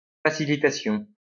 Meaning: facilitation
- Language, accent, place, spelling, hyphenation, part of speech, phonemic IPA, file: French, France, Lyon, facilitation, fa‧ci‧li‧ta‧tion, noun, /fa.si.li.ta.sjɔ̃/, LL-Q150 (fra)-facilitation.wav